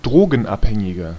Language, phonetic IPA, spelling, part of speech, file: German, [ˈdʁoːɡn̩ˌʔaphɛŋɪɡɐ], Drogenabhängiger, noun, De-Drogenabhängiger.ogg
- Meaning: 1. drug addict (male or of unspecified gender) (person with a chemical or psychological dependency on drugs) 2. inflection of Drogenabhängige: strong genitive/dative singular